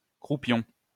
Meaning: 1. rump 2. parson's nose
- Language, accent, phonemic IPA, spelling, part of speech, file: French, France, /kʁu.pjɔ̃/, croupion, noun, LL-Q150 (fra)-croupion.wav